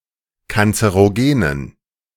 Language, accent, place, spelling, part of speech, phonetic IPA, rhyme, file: German, Germany, Berlin, kanzerogenen, adjective, [kant͡səʁoˈɡeːnən], -eːnən, De-kanzerogenen.ogg
- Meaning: inflection of kanzerogen: 1. strong genitive masculine/neuter singular 2. weak/mixed genitive/dative all-gender singular 3. strong/weak/mixed accusative masculine singular 4. strong dative plural